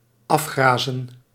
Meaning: to graze down (to remove vegetation or to reduce its height by grazing)
- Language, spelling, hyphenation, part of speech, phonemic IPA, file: Dutch, afgrazen, af‧gra‧zen, verb, /ˈɑfˌxraːzə(n)/, Nl-afgrazen.ogg